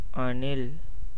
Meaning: 1. Indian Palm Squirrel (Funambulus palmarum) 2. squirrel (any of the rodents of the family Sciuridae) 3. a fan of actor Vijay
- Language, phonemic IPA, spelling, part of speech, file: Tamil, /ɐɳɪl/, அணில், noun, Ta-அணில்.ogg